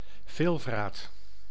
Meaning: 1. wolverine (Gulo gulo) 2. fox moth (Macrothylacia rubi) 3. glutton
- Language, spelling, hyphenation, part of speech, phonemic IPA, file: Dutch, veelvraat, veel‧vraat, noun, /ˈveːl.vraːt/, Nl-veelvraat.ogg